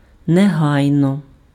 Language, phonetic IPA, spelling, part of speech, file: Ukrainian, [neˈɦai̯nɔ], негайно, adverb, Uk-негайно.ogg
- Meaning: immediately